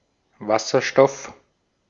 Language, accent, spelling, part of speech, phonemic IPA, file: German, Austria, Wasserstoff, noun, /ˈvasɐʃtɔf/, De-at-Wasserstoff.ogg
- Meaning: hydrogen; the lightest and most common element in the universe with the atomic number 1